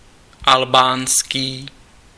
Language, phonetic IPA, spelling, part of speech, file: Czech, [ˈalbaːnskiː], albánský, adjective, Cs-albánský.ogg
- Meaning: Albanian